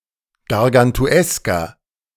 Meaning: inflection of gargantuesk: 1. strong/mixed nominative masculine singular 2. strong genitive/dative feminine singular 3. strong genitive plural
- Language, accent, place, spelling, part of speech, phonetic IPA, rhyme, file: German, Germany, Berlin, gargantuesker, adjective, [ɡaʁɡantuˈɛskɐ], -ɛskɐ, De-gargantuesker.ogg